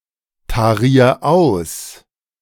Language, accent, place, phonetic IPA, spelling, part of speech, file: German, Germany, Berlin, [taˌʁiːɐ̯ ˈaʊ̯s], tarier aus, verb, De-tarier aus.ogg
- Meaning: 1. singular imperative of austarieren 2. first-person singular present of austarieren